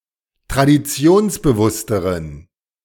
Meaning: inflection of traditionsbewusst: 1. strong genitive masculine/neuter singular comparative degree 2. weak/mixed genitive/dative all-gender singular comparative degree
- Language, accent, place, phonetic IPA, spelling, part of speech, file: German, Germany, Berlin, [tʁadiˈt͡si̯oːnsbəˌvʊstəʁən], traditionsbewussteren, adjective, De-traditionsbewussteren.ogg